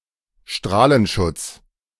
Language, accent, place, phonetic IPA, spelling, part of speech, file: German, Germany, Berlin, [ˈʃtʁaːlənˌʃʊt͡s], Strahlenschutz, noun, De-Strahlenschutz.ogg
- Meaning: radiation protection